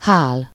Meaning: to sleep
- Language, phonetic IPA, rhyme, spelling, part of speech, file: Hungarian, [ˈhaːl], -aːl, hál, verb, Hu-hál.ogg